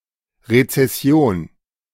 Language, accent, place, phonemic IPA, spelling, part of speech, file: German, Germany, Berlin, /ʁet͡sɛˈsi̯oːn/, Rezession, noun, De-Rezession.ogg
- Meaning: recession